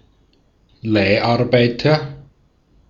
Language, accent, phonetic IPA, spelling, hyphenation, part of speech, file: German, Austria, [ˈlaɪ̯ʔaʁˌbaɪ̯tɐ], Leiharbeiter, Leih‧ar‧bei‧ter, noun, De-at-Leiharbeiter.ogg
- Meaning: leased worker, agency worker, contract worker, temporary worker (male or of unspecified gender)